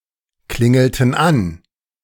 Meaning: inflection of anklingeln: 1. first/third-person plural preterite 2. first/third-person plural subjunctive II
- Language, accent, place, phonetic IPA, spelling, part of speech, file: German, Germany, Berlin, [ˌklɪŋl̩tn̩ ˈan], klingelten an, verb, De-klingelten an.ogg